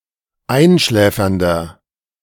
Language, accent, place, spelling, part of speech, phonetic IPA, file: German, Germany, Berlin, einschläfernder, adjective, [ˈaɪ̯nˌʃlɛːfɐndɐ], De-einschläfernder.ogg
- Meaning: 1. comparative degree of einschläfernd 2. inflection of einschläfernd: strong/mixed nominative masculine singular 3. inflection of einschläfernd: strong genitive/dative feminine singular